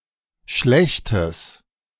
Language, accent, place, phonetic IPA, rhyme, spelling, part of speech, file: German, Germany, Berlin, [ˈʃlɛçtəs], -ɛçtəs, schlechtes, adjective, De-schlechtes.ogg
- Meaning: strong/mixed nominative/accusative neuter singular of schlecht